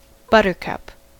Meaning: 1. Any of many herbs, of the genus Ranunculus, having yellow flowers; the crowfoot 2. Any flower of the genus Narcissus; a daffodil 3. Ellipsis of buttercup squash
- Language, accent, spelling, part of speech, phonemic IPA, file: English, US, buttercup, noun, /ˈbʌt.ɚ.kʌp/, En-us-buttercup.ogg